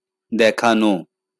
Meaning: to show; to make see
- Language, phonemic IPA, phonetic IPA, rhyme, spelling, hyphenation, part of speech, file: Bengali, /d̪æ.kʰa.no/, [ˈd̪æ.kʰaˌno], -ano, দেখানো, দে‧খা‧নো, verb, LL-Q9610 (ben)-দেখানো.wav